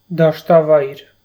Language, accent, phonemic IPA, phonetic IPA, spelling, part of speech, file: Armenian, Eastern Armenian, /dɑʃtɑˈvɑjɾ/, [dɑʃtɑvɑ́jɾ], դաշտավայր, noun, Hy-դաշտավայր.ogg
- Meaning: lowland, plain